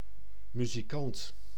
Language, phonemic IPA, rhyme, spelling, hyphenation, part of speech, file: Dutch, /ˌmy.ziˈkɑnt/, -ɑnt, muzikant, mu‧zi‧kant, noun, Nl-muzikant.ogg
- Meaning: musician (a person who plays or sings music)